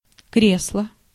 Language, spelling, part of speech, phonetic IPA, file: Russian, кресло, noun, [ˈkrʲesɫə], Ru-кресло.ogg
- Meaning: 1. armchair, easy chair 2. theater stall 3. responsible position, post